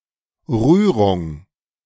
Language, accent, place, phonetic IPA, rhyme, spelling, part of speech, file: German, Germany, Berlin, [ˈʁyːʁʊŋ], -yːʁʊŋ, Rührung, noun, De-Rührung.ogg
- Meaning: emotion, affection